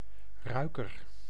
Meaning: 1. a flower bouquet 2. one who smells using one's olfactory organs
- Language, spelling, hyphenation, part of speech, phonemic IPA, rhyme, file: Dutch, ruiker, rui‧ker, noun, /ˈrœy̯.kər/, -œy̯kər, Nl-ruiker.ogg